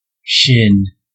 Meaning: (noun) 1. The front part of the leg below the knee; the front edge of the shin bone: Shinbone on Wikipedia.Wikipedia 2. A fishplate for a railway
- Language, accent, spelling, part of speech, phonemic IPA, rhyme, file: English, US, shin, noun / verb, /ʃɪn/, -ɪn, En-us-shin.ogg